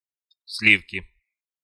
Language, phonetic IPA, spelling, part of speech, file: Russian, [ˈs⁽ʲ⁾lʲifkʲɪ], сливки, noun, Ru-сливки.ogg
- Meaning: 1. cream (milk fat) 2. elite